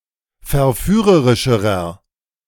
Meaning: inflection of verführerisch: 1. strong/mixed nominative masculine singular comparative degree 2. strong genitive/dative feminine singular comparative degree
- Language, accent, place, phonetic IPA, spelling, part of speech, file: German, Germany, Berlin, [fɛɐ̯ˈfyːʁəʁɪʃəʁɐ], verführerischerer, adjective, De-verführerischerer.ogg